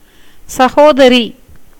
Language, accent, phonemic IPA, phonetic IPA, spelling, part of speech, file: Tamil, India, /tʃɐɡoːd̪ɐɾiː/, [sɐɡoːd̪ɐɾiː], சகோதரி, noun, Ta-சகோதரி.ogg
- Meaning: sister